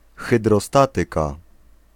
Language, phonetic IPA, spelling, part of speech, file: Polish, [ˌxɨdrɔˈstatɨka], hydrostatyka, noun, Pl-hydrostatyka.ogg